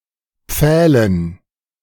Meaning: dative plural of Pfahl
- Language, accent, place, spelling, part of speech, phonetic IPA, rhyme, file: German, Germany, Berlin, Pfählen, noun, [ˈp͡fɛːlən], -ɛːlən, De-Pfählen.ogg